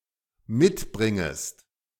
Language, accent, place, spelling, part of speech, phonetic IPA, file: German, Germany, Berlin, mitbringest, verb, [ˈmɪtˌbʁɪŋəst], De-mitbringest.ogg
- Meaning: second-person singular dependent subjunctive I of mitbringen